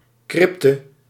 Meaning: crypt
- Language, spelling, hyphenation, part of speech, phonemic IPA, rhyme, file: Dutch, crypte, cryp‧te, noun, /ˈkrɪp.tə/, -ɪptə, Nl-crypte.ogg